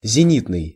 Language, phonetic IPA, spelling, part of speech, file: Russian, [zʲɪˈnʲitnɨj], зенитный, adjective, Ru-зенитный.ogg
- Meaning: 1. zenith; zenithal 2. antiaircraft / anti-aircraft, surface-to-air (of artillery or missiles: intended for surface-to-air fire)